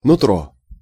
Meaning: 1. the inside, the inward nature (especially of a person), gut feeling 2. inside
- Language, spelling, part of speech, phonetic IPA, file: Russian, нутро, noun, [nʊˈtro], Ru-нутро.ogg